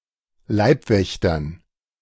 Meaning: dative plural of Leibwächter
- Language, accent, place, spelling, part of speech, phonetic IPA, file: German, Germany, Berlin, Leibwächtern, noun, [ˈlaɪ̯pˌvɛçtɐn], De-Leibwächtern.ogg